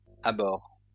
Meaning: inflection of abhorrer: 1. first/third-person singular present indicative/subjunctive 2. second-person singular imperative
- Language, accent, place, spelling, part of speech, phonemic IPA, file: French, France, Lyon, abhorre, verb, /a.bɔʁ/, LL-Q150 (fra)-abhorre.wav